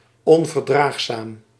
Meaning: intolerant
- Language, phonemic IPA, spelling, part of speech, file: Dutch, /ˌɔɱvərˈdraxsam/, onverdraagzaam, adjective, Nl-onverdraagzaam.ogg